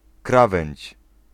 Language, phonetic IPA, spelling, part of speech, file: Polish, [ˈkravɛ̃ɲt͡ɕ], krawędź, noun, Pl-krawędź.ogg